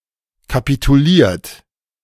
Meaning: 1. past participle of kapitulieren 2. inflection of kapitulieren: second-person plural present 3. inflection of kapitulieren: third-person singular present
- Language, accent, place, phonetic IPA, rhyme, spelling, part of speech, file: German, Germany, Berlin, [kapituˈliːɐ̯t], -iːɐ̯t, kapituliert, verb, De-kapituliert.ogg